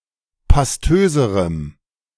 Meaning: strong dative masculine/neuter singular comparative degree of pastös
- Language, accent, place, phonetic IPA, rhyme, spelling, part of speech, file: German, Germany, Berlin, [pasˈtøːzəʁəm], -øːzəʁəm, pastöserem, adjective, De-pastöserem.ogg